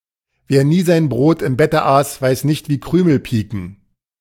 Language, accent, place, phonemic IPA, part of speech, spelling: German, Germany, Berlin, /veːɐ̯ ˈniː zaɪ̯n ˈbʁoːt ɪm ˈbɛtə ˈaːs vaɪ̯s ˈnɪçt vi ˈkʁyːməl ˈpiːkən/, phrase, wer nie sein Brot im Bette aß, weiß nicht, wie Krümel piken
- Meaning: one must experience something to understand it properly (but sometimes used without context merely for comedic effect)